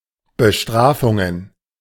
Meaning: plural of Bestrafung
- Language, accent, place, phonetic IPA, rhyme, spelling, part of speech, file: German, Germany, Berlin, [bəˈʃtʁaːfʊŋən], -aːfʊŋən, Bestrafungen, noun, De-Bestrafungen.ogg